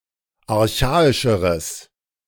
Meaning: strong/mixed nominative/accusative neuter singular comparative degree of archaisch
- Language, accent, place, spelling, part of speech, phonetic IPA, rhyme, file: German, Germany, Berlin, archaischeres, adjective, [aʁˈçaːɪʃəʁəs], -aːɪʃəʁəs, De-archaischeres.ogg